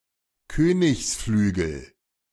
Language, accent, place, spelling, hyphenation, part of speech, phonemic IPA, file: German, Germany, Berlin, Königsflügel, Kö‧nigs‧flü‧gel, noun, /ˈkøːnɪçsˌflyːɡl̩/, De-Königsflügel.ogg
- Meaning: kingside